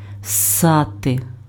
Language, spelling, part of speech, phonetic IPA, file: Ukrainian, ссати, verb, [ˈsːate], Uk-ссати.ogg
- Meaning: to suck